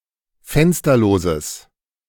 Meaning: strong/mixed nominative/accusative neuter singular of fensterlos
- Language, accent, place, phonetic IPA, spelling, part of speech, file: German, Germany, Berlin, [ˈfɛnstɐloːzəs], fensterloses, adjective, De-fensterloses.ogg